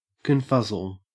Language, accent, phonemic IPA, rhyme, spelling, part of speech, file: English, Australia, /kənˈfʌz.əl/, -ʌzəl, confuzzle, noun / verb, En-au-confuzzle.ogg
- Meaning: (noun) A state of confusion or puzzlement; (verb) To confuse or puzzle